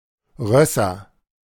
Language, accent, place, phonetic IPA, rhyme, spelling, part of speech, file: German, Germany, Berlin, [ˈʁœsɐ], -œsɐ, Rösser, noun, De-Rösser.ogg
- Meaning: nominative/accusative/genitive plural of Ross